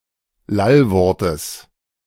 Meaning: genitive singular of Lallwort
- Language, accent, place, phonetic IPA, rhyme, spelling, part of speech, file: German, Germany, Berlin, [ˈlalˌvɔʁtəs], -alvɔʁtəs, Lallwortes, noun, De-Lallwortes.ogg